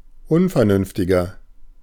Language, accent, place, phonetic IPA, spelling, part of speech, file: German, Germany, Berlin, [ˈʊnfɛɐ̯nʏnftɪɡɐ], unvernünftiger, adjective, De-unvernünftiger.ogg
- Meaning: 1. comparative degree of unvernünftig 2. inflection of unvernünftig: strong/mixed nominative masculine singular 3. inflection of unvernünftig: strong genitive/dative feminine singular